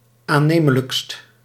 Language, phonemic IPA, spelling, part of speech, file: Dutch, /aˈnemələkst/, aannemelijkst, adjective, Nl-aannemelijkst.ogg
- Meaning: superlative degree of aannemelijk